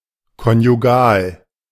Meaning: conjugal
- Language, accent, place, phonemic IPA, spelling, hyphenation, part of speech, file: German, Germany, Berlin, /kɔnjuˈɡaːl/, konjugal, kon‧ju‧gal, adjective, De-konjugal.ogg